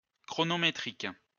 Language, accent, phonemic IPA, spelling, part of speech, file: French, France, /kʁɔ.nɔ.me.tʁik/, chronométrique, adjective, LL-Q150 (fra)-chronométrique.wav
- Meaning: chronometric